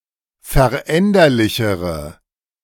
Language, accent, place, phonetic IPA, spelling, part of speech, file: German, Germany, Berlin, [fɛɐ̯ˈʔɛndɐlɪçəʁə], veränderlichere, adjective, De-veränderlichere.ogg
- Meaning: inflection of veränderlich: 1. strong/mixed nominative/accusative feminine singular comparative degree 2. strong nominative/accusative plural comparative degree